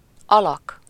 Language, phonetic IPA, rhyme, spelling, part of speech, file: Hungarian, [ˈɒlɒk], -ɒk, alak, noun, Hu-alak.ogg
- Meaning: 1. figure, form, shape 2. character (in a book, drama etc.) 3. word form (usually including its inflection, if there is any) 4. figure, build (of a person) 5. bloke, fellow, chap, guy